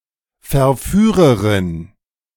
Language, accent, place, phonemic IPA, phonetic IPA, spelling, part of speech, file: German, Germany, Berlin, /fɛʁˈfyːʁəʁɪn/, [fɛɐ̯ˈfyːʁɐʁɪn], Verführerin, noun, De-Verführerin.ogg
- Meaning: female equivalent of Verführer: female seducer, seductress